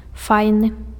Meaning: 1. nice, great, cool 2. beautiful, handsome, pretty
- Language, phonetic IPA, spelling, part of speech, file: Belarusian, [ˈfajnɨ], файны, adjective, Be-файны.ogg